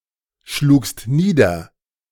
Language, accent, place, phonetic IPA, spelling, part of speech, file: German, Germany, Berlin, [ˌʃluːkst ˈniːdɐ], schlugst nieder, verb, De-schlugst nieder.ogg
- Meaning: second-person singular preterite of niederschlagen